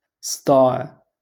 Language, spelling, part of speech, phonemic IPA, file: Moroccan Arabic, صداع, noun, /sˤdaːʕ/, LL-Q56426 (ary)-صداع.wav
- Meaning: 1. noise 2. ache